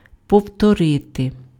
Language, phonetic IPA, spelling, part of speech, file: Ukrainian, [pɔu̯tɔˈrɪte], повторити, verb, Uk-повторити.ogg
- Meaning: 1. to repeat (do again) 2. to repeat, to reiterate (say again)